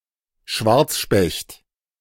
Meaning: black woodpecker (Dryocopus martius)
- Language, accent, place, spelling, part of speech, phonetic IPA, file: German, Germany, Berlin, Schwarzspecht, noun, [ˈʃvaʁt͡sˌʃpɛçt], De-Schwarzspecht.ogg